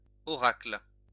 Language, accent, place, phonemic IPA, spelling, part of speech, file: French, France, Lyon, /ɔ.ʁakl/, oracle, noun, LL-Q150 (fra)-oracle.wav
- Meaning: oracle